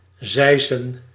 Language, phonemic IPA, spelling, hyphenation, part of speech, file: Dutch, /ˈzɛi̯.sə(n)/, zeisen, zei‧sen, verb / noun, Nl-zeisen.ogg
- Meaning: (verb) to scythe; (noun) plural of zeis